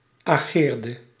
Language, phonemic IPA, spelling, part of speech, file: Dutch, /aˈɣerdə/, ageerde, verb, Nl-ageerde.ogg
- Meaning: inflection of ageren: 1. singular past indicative 2. singular past subjunctive